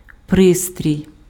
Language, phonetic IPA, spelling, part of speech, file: Ukrainian, [ˈprɪstʲrʲii̯], пристрій, noun, Uk-пристрій.ogg
- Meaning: 1. device (piece of equipment) 2. appliance